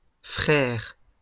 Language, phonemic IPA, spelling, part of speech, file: French, /fʁɛʁ/, frères, noun, LL-Q150 (fra)-frères.wav
- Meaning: plural of frère